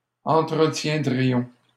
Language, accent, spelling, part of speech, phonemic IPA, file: French, Canada, entretiendrions, verb, /ɑ̃.tʁə.tjɛ̃.dʁi.jɔ̃/, LL-Q150 (fra)-entretiendrions.wav
- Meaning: first-person plural conditional of entretenir